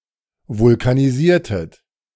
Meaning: inflection of vulkanisieren: 1. second-person plural preterite 2. second-person plural subjunctive II
- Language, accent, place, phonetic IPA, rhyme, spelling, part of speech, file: German, Germany, Berlin, [vʊlkaniˈziːɐ̯tət], -iːɐ̯tət, vulkanisiertet, verb, De-vulkanisiertet.ogg